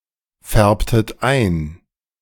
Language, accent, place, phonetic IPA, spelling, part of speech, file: German, Germany, Berlin, [ˌfɛʁptət ˈaɪ̯n], färbtet ein, verb, De-färbtet ein.ogg
- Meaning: inflection of einfärben: 1. second-person plural preterite 2. second-person plural subjunctive II